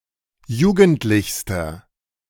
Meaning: inflection of jugendlich: 1. strong/mixed nominative masculine singular superlative degree 2. strong genitive/dative feminine singular superlative degree 3. strong genitive plural superlative degree
- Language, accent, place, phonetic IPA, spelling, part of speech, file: German, Germany, Berlin, [ˈjuːɡn̩tlɪçstɐ], jugendlichster, adjective, De-jugendlichster.ogg